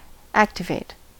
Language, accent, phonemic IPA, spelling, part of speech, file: English, US, /ˈæktɪˌveɪt/, activate, verb, En-us-activate.ogg
- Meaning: 1. To encourage development or induce increased activity; to stimulate 2. To put a device, mechanism (alarm etc.) or system into action or motion; to trigger, to actuate, to set off, to enable